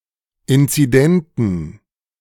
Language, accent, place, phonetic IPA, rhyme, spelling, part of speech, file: German, Germany, Berlin, [ˌɪnt͡siˈdɛntn̩], -ɛntn̩, inzidenten, adjective, De-inzidenten.ogg
- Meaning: inflection of inzident: 1. strong genitive masculine/neuter singular 2. weak/mixed genitive/dative all-gender singular 3. strong/weak/mixed accusative masculine singular 4. strong dative plural